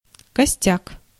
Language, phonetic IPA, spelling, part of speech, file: Russian, [kɐˈsʲtʲak], костяк, noun, Ru-костяк.ogg
- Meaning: 1. skeleton; bones 2. backbone